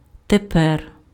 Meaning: 1. now 2. nowadays, at present
- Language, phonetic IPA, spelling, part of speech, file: Ukrainian, [teˈpɛr], тепер, adverb, Uk-тепер.ogg